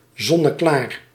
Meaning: evident, abundantly clear, clear as day
- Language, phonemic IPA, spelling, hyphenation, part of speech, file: Dutch, /ˌzɔ.nəˈklaːr/, zonneklaar, zon‧ne‧klaar, adjective, Nl-zonneklaar.ogg